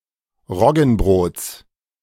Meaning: genitive singular of Roggenbrot
- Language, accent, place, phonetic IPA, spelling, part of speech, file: German, Germany, Berlin, [ˈʁɔɡn̩ˌbʁoːt͡s], Roggenbrots, noun, De-Roggenbrots.ogg